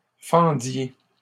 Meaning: inflection of fendre: 1. second-person plural imperfect indicative 2. second-person plural present subjunctive
- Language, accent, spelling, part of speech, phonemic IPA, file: French, Canada, fendiez, verb, /fɑ̃.dje/, LL-Q150 (fra)-fendiez.wav